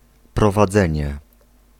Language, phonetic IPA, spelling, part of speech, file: Polish, [ˌprɔvaˈd͡zɛ̃ɲɛ], prowadzenie, noun, Pl-prowadzenie.ogg